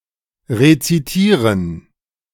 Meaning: to recite
- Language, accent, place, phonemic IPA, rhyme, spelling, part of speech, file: German, Germany, Berlin, /ʁet͡siˈtiːʁən/, -iːʁən, rezitieren, verb, De-rezitieren.ogg